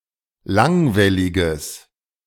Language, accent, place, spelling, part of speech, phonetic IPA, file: German, Germany, Berlin, langwelliges, adjective, [ˈlaŋvɛlɪɡəs], De-langwelliges.ogg
- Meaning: strong/mixed nominative/accusative neuter singular of langwellig